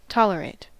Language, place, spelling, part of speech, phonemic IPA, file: English, California, tolerate, verb, /ˈtɑ.lə.ɹeɪt/, En-us-tolerate.ogg
- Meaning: 1. To allow or permit without explicit approval, usually if it is perceived as negative 2. To bear, withstand